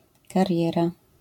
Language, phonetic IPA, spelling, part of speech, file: Polish, [karʲˈjɛra], kariera, noun, LL-Q809 (pol)-kariera.wav